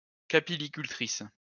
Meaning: female equivalent of capilliculteur
- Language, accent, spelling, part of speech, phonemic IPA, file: French, France, capillicultrice, noun, /ka.pi.li.kyl.tʁis/, LL-Q150 (fra)-capillicultrice.wav